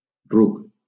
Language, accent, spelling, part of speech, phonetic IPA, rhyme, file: Catalan, Valencia, ruc, noun / adjective, [ˈruk], -uk, LL-Q7026 (cat)-ruc.wav
- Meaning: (noun) 1. donkey 2. fool; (adjective) foolish